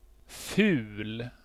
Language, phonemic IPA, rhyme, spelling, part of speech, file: Swedish, /fʉːl/, -ʉːl, ful, adjective, Sv-ful.ogg
- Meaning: 1. ugly (of displeasing appearance) 2. dirty, bad (contradictory to norms or rules) 3. prefix indicating a state of low or lesser quality: an ironic opposite of fin (“fine, elegant”)